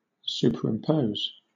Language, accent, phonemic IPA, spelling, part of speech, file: English, Southern England, /ˈsuː.pəɹ.ɪmˌpəʊ̯z/, superimpose, verb, LL-Q1860 (eng)-superimpose.wav
- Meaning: 1. To place an object over another object, usually in such a way that both will be visible 2. To establish a structural system over, independently of underlying structures